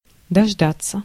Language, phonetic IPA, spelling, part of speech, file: Russian, [dɐʐˈdat͡sːə], дождаться, verb, Ru-дождаться.ogg
- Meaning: 1. to wait until, to (manage to) wait for a long time 2. to end (by)